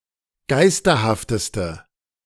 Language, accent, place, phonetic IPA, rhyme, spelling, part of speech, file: German, Germany, Berlin, [ˈɡaɪ̯stɐhaftəstə], -aɪ̯stɐhaftəstə, geisterhafteste, adjective, De-geisterhafteste.ogg
- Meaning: inflection of geisterhaft: 1. strong/mixed nominative/accusative feminine singular superlative degree 2. strong nominative/accusative plural superlative degree